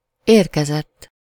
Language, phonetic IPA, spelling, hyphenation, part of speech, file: Hungarian, [ˈeːrkɛzɛtː], érkezett, ér‧ke‧zett, verb, Hu-érkezett.ogg
- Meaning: 1. third-person singular indicative past indefinite of érkezik 2. past participle of érkezik